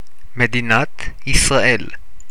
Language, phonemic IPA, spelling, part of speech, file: Hebrew, /me.di.ˈnat(j)is.ʁa.ˈ(ʔ)el/, מדינת ישראל, proper noun, He-Medinat Israel.ogg
- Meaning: State of Israel (official name of Israel: a country in Western Asia, in the Middle East)